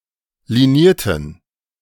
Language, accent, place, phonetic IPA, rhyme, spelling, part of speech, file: German, Germany, Berlin, [liˈniːɐ̯tn̩], -iːɐ̯tn̩, linierten, adjective / verb, De-linierten.ogg
- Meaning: inflection of liniert: 1. strong genitive masculine/neuter singular 2. weak/mixed genitive/dative all-gender singular 3. strong/weak/mixed accusative masculine singular 4. strong dative plural